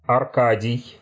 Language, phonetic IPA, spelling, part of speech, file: Russian, [ɐrˈkadʲɪj], Аркадий, proper noun, Ru-Аркадий.ogg
- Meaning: a male given name, Arkady and Arkadi, equivalent to English Arcady